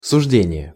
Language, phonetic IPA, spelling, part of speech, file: Russian, [sʊʐˈdʲenʲɪje], суждение, noun, Ru-суждение.ogg
- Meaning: judgment (conclusion or result of judging)